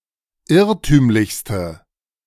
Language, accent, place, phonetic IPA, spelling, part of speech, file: German, Germany, Berlin, [ˈɪʁtyːmlɪçstə], irrtümlichste, adjective, De-irrtümlichste.ogg
- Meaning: inflection of irrtümlich: 1. strong/mixed nominative/accusative feminine singular superlative degree 2. strong nominative/accusative plural superlative degree